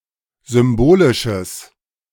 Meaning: strong/mixed nominative/accusative neuter singular of symbolisch
- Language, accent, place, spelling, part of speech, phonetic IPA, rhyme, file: German, Germany, Berlin, symbolisches, adjective, [ˌzʏmˈboːlɪʃəs], -oːlɪʃəs, De-symbolisches.ogg